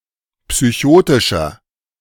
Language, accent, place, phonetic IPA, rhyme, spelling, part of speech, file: German, Germany, Berlin, [psyˈçoːtɪʃɐ], -oːtɪʃɐ, psychotischer, adjective, De-psychotischer.ogg
- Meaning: 1. comparative degree of psychotisch 2. inflection of psychotisch: strong/mixed nominative masculine singular 3. inflection of psychotisch: strong genitive/dative feminine singular